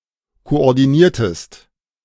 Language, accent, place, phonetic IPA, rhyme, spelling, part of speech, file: German, Germany, Berlin, [koʔɔʁdiˈniːɐ̯təst], -iːɐ̯təst, koordiniertest, verb, De-koordiniertest.ogg
- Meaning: inflection of koordinieren: 1. second-person singular preterite 2. second-person singular subjunctive II